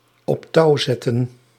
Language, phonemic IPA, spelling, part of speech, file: Dutch, /ɔpˈtɑuzɛtə(n)/, op touw zetten, verb, Nl-op touw zetten.ogg
- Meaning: 1. to initiate, to launch 2. to engineer, to frame